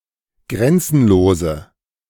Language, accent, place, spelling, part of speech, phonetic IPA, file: German, Germany, Berlin, grenzenlose, adjective, [ˈɡʁɛnt͡sn̩loːzə], De-grenzenlose.ogg
- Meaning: inflection of grenzenlos: 1. strong/mixed nominative/accusative feminine singular 2. strong nominative/accusative plural 3. weak nominative all-gender singular